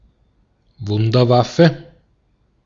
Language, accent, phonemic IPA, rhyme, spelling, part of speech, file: German, Austria, /ˈvʊndərˌvafə/, -afə, Wunderwaffe, noun, De-at-Wunderwaffe.ogg
- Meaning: wonderweapon